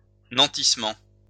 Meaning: 1. pledge 2. collateral
- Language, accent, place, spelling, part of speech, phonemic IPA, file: French, France, Lyon, nantissement, noun, /nɑ̃.tis.mɑ̃/, LL-Q150 (fra)-nantissement.wav